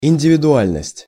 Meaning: individuality
- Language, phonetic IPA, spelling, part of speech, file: Russian, [ɪnʲdʲɪvʲɪdʊˈalʲnəsʲtʲ], индивидуальность, noun, Ru-индивидуальность.ogg